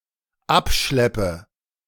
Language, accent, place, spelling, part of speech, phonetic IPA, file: German, Germany, Berlin, abschleppe, verb, [ˈapˌʃlɛpə], De-abschleppe.ogg
- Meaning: inflection of abschleppen: 1. first-person singular dependent present 2. first/third-person singular dependent subjunctive I